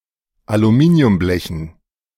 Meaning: dative plural of Aluminiumblech
- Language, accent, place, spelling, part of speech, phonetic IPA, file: German, Germany, Berlin, Aluminiumblechen, noun, [aluˈmiːni̯ʊmˌblɛçn̩], De-Aluminiumblechen.ogg